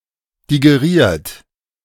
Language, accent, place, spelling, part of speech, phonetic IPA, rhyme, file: German, Germany, Berlin, digeriert, verb, [diɡeˈʁiːɐ̯t], -iːɐ̯t, De-digeriert.ogg
- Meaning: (verb) past participle of digerieren; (adjective) digested; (verb) inflection of digerieren: 1. second-person plural present 2. third-person singular present 3. plural imperative